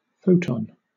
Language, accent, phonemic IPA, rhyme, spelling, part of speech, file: English, Southern England, /ˈfəʊtɒn/, -əʊtɒn, photon, noun, LL-Q1860 (eng)-photon.wav
- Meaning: The quantum of light and other electromagnetic energy, regarded as a discrete particle having zero rest mass, no electric charge, and an indefinitely long lifetime. It is a gauge boson